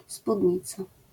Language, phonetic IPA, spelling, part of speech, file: Polish, [spudʲˈɲit͡sa], spódnica, noun, LL-Q809 (pol)-spódnica.wav